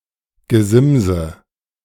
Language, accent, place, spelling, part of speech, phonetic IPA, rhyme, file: German, Germany, Berlin, Gesimse, noun, [ɡəˈzɪmzə], -ɪmzə, De-Gesimse.ogg
- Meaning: nominative/accusative/genitive plural of Gesims